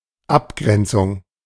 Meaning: 1. demarcation 2. differentiation
- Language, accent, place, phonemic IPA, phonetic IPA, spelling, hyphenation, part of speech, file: German, Germany, Berlin, /ˈapˌɡʁɛntsʊŋ/, [ˈʔapˌɡʁɛntsʊŋ], Abgrenzung, Ab‧gren‧zung, noun, De-Abgrenzung.ogg